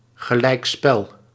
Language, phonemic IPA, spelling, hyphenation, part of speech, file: Dutch, /ɣəˌlɛi̯kˈspɛl/, gelijkspel, ge‧lijk‧spel, noun, Nl-gelijkspel.ogg
- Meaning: draw (a tie)